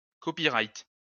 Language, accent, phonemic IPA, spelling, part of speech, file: French, France, /kɔ.pi.ʁajt/, copyright, noun, LL-Q150 (fra)-copyright.wav
- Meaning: copyright